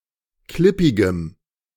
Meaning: strong dative masculine/neuter singular of klippig
- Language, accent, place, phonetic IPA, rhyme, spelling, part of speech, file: German, Germany, Berlin, [ˈklɪpɪɡəm], -ɪpɪɡəm, klippigem, adjective, De-klippigem.ogg